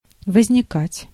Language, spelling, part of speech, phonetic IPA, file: Russian, возникать, verb, [vəzʲnʲɪˈkatʲ], Ru-возникать.ogg
- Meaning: 1. to arise, to appear, to emerge, to originate, to spring up 2. to object, to protest